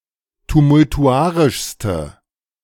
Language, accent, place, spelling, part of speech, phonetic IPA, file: German, Germany, Berlin, tumultuarischste, adjective, [tumʊltuˈʔaʁɪʃstə], De-tumultuarischste.ogg
- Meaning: inflection of tumultuarisch: 1. strong/mixed nominative/accusative feminine singular superlative degree 2. strong nominative/accusative plural superlative degree